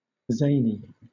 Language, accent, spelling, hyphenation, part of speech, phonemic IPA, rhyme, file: English, Southern England, zany, za‧ny, adjective / noun / verb, /ˈzeɪni/, -eɪni, LL-Q1860 (eng)-zany.wav
- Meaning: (adjective) 1. Unusual and awkward in a funny, comical manner; outlandish; clownish 2. Ludicrously or incongruously comical